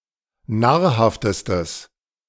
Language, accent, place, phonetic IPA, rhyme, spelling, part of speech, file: German, Germany, Berlin, [ˈnaːɐ̯ˌhaftəstəs], -aːɐ̯haftəstəs, nahrhaftestes, adjective, De-nahrhaftestes.ogg
- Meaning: strong/mixed nominative/accusative neuter singular superlative degree of nahrhaft